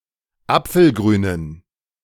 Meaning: inflection of apfelgrün: 1. strong genitive masculine/neuter singular 2. weak/mixed genitive/dative all-gender singular 3. strong/weak/mixed accusative masculine singular 4. strong dative plural
- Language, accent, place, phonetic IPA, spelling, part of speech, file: German, Germany, Berlin, [ˈap͡fl̩ˌɡʁyːnən], apfelgrünen, adjective, De-apfelgrünen.ogg